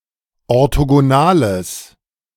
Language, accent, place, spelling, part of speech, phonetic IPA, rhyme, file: German, Germany, Berlin, orthogonales, adjective, [ɔʁtoɡoˈnaːləs], -aːləs, De-orthogonales.ogg
- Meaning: strong/mixed nominative/accusative neuter singular of orthogonal